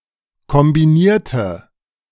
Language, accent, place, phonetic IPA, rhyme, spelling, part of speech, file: German, Germany, Berlin, [kɔmbiˈniːɐ̯tə], -iːɐ̯tə, kombinierte, adjective / verb, De-kombinierte.ogg
- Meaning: inflection of kombinieren: 1. first/third-person singular preterite 2. first/third-person singular subjunctive II